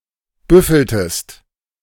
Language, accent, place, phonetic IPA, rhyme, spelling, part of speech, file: German, Germany, Berlin, [ˈbʏfl̩təst], -ʏfl̩təst, büffeltest, verb, De-büffeltest.ogg
- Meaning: inflection of büffeln: 1. second-person singular preterite 2. second-person singular subjunctive II